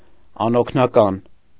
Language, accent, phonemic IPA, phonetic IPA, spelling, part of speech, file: Armenian, Eastern Armenian, /ɑnokʰnɑˈkɑn/, [ɑnokʰnɑkɑ́n], անօգնական, adjective, Hy-անօգնական.ogg
- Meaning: 1. helpless 2. having no assistant, aide 3. abandoned, unowned, ownerless